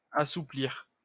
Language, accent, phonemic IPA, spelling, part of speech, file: French, France, /a.su.pliʁ/, assouplir, verb, LL-Q150 (fra)-assouplir.wav
- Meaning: 1. to soften (make softer) 2. to make more supple 3. to relax (of e.g. a law or rule make less strict) 4. to soften up, get soft (become softer) 5. to become more supple